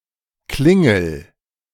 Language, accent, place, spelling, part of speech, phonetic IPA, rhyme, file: German, Germany, Berlin, klingel, verb, [ˈklɪŋl̩], -ɪŋl̩, De-klingel.ogg
- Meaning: inflection of klingeln: 1. first-person singular present 2. singular imperative